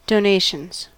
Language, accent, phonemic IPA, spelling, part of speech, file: English, US, /doʊˈneɪʃənz/, donations, noun, En-us-donations.ogg
- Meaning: plural of donation